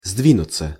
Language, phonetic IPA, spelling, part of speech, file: Russian, [ˈzdvʲinʊt͡sə], сдвинуться, verb, Ru-сдвинуться.ogg
- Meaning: 1. to move, to budge 2. to come/draw together 3. to move forward, to get going, to improve 4. passive of сдви́нуть (sdvínutʹ)